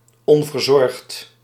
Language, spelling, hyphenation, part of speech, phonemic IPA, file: Dutch, onverzorgd, on‧ver‧zorgd, adjective, /ˌɔɱvərˈzɔrᵊxt/, Nl-onverzorgd.ogg
- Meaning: slovenly, unkempt (having an untidy appearance)